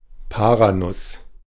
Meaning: brazil nut (Bertholletia excelsa)
- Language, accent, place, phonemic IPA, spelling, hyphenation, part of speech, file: German, Germany, Berlin, /ˈpaːʁaˌnʊs/, Paranuss, Pa‧ra‧nuss, noun, De-Paranuss.ogg